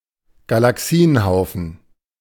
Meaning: galaxy cluster
- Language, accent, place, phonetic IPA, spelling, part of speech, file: German, Germany, Berlin, [ɡalaˈksiːənˌhaʊ̯fn̩], Galaxienhaufen, noun, De-Galaxienhaufen.ogg